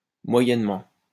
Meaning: 1. averagely, moderately (in an average way) 2. not much, not really
- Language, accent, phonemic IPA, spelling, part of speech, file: French, France, /mwa.jɛn.mɑ̃/, moyennement, adverb, LL-Q150 (fra)-moyennement.wav